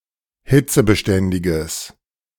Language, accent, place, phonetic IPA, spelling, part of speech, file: German, Germany, Berlin, [ˈhɪt͡səbəˌʃtɛndɪɡəs], hitzebeständiges, adjective, De-hitzebeständiges.ogg
- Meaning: strong/mixed nominative/accusative neuter singular of hitzebeständig